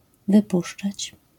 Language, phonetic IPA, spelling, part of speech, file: Polish, [vɨˈpuʃt͡ʃat͡ɕ], wypuszczać, verb, LL-Q809 (pol)-wypuszczać.wav